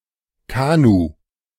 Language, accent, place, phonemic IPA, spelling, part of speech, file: German, Germany, Berlin, /ˈkaːnu/, Kanu, noun, De-Kanu.ogg
- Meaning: a light, narrow boat propelled with paddles: a canoe or kayak